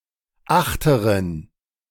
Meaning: inflection of achterer: 1. strong genitive masculine/neuter singular 2. weak/mixed genitive/dative all-gender singular 3. strong/weak/mixed accusative masculine singular 4. strong dative plural
- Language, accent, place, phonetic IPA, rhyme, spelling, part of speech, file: German, Germany, Berlin, [ˈaxtəʁən], -axtəʁən, achteren, adjective, De-achteren.ogg